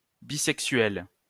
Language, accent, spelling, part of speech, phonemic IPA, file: French, France, bisexuelles, adjective, /bi.sɛk.sɥɛl/, LL-Q150 (fra)-bisexuelles.wav
- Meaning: feminine plural of bisexuel